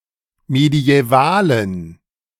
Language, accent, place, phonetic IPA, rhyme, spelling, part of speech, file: German, Germany, Berlin, [medi̯ɛˈvaːlən], -aːlən, mediävalen, adjective, De-mediävalen.ogg
- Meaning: inflection of mediäval: 1. strong genitive masculine/neuter singular 2. weak/mixed genitive/dative all-gender singular 3. strong/weak/mixed accusative masculine singular 4. strong dative plural